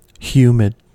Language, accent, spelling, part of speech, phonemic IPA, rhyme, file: English, US, humid, adjective, /ˈhjuːmɪd/, -uːmɪd, En-us-humid.ogg
- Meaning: Containing perceptible moisture (usually describing air or atmosphere); damp; moist; somewhat wet or watery